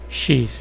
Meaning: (character) The twenty-fourth letter of the Portuguese alphabet, written in the Latin script; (preposition) por
- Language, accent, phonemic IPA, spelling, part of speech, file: Portuguese, Brazil, /ˈʃis/, x, character / preposition, Pt-br-x.ogg